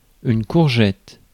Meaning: courgette (UK), zucchini (Australia, Canada, US)
- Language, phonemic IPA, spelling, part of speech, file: French, /kuʁ.ʒɛt/, courgette, noun, Fr-courgette.ogg